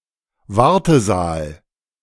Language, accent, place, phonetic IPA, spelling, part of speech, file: German, Germany, Berlin, [ˈvaʁtəˌzaːl], Wartesaal, noun, De-Wartesaal.ogg
- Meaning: waiting room